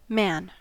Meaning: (noun) 1. An adult male human 2. An adult male human.: All human males collectively: mankind
- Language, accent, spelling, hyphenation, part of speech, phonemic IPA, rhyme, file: English, US, man, man, noun / interjection / pronoun / verb / proper noun, /ˈmæn/, -æn, En-us-man.ogg